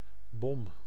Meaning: 1. bomb (explosive) 2. gas cylinder (cylindrical vessel for compressed gas) 3. flat-bottomed marine fishing vessel 4. bung, stopper (for barrels) 5. single mother
- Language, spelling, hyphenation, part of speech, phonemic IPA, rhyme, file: Dutch, bom, bom, noun, /bɔm/, -ɔm, Nl-bom.ogg